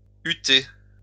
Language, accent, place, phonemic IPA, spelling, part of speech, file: French, France, Lyon, /y.te/, hutter, verb, LL-Q150 (fra)-hutter.wav
- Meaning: to hut, to put in a hut